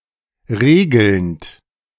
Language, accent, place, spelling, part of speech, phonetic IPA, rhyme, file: German, Germany, Berlin, regelnd, verb, [ˈʁeːɡl̩nt], -eːɡl̩nt, De-regelnd.ogg
- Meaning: present participle of regeln